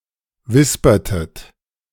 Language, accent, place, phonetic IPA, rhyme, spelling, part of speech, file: German, Germany, Berlin, [ˈvɪspɐtət], -ɪspɐtət, wispertet, verb, De-wispertet.ogg
- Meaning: inflection of wispern: 1. second-person plural preterite 2. second-person plural subjunctive II